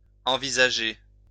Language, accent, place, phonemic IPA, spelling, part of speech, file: French, France, Lyon, /ɑ̃.vi.za.ʒe/, envisager, verb, LL-Q150 (fra)-envisager.wav
- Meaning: 1. to envisage; to contemplate 2. to face